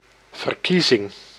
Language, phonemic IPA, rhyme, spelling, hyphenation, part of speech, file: Dutch, /vərˈki.zɪŋ/, -izɪŋ, verkiezing, ver‧kie‧zing, noun, Nl-verkiezing.ogg
- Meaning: 1. election (by vote or ballot) 2. election, predestination of the elect in orthodox Calvinism